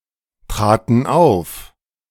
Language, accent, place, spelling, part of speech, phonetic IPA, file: German, Germany, Berlin, traten auf, verb, [ˌtʁaːtn̩ ˈaʊ̯f], De-traten auf.ogg
- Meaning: first/third-person plural preterite of auftreten